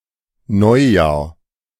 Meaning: New Year
- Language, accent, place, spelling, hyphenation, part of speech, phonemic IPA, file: German, Germany, Berlin, Neujahr, Neu‧jahr, noun, /ˈnɔʏ̯ˌjaːɐ̯/, De-Neujahr.ogg